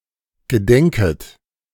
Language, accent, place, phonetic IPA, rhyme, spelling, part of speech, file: German, Germany, Berlin, [ɡəˈdɛŋkət], -ɛŋkət, gedenket, verb, De-gedenket.ogg
- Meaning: second-person plural subjunctive I of gedenken